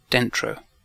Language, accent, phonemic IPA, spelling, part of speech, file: English, UK, /ˈdɛn.tɹoʊ/, dentro, noun, En-uk-dentro.ogg
- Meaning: A production that is classified somewhere between a demo and an intro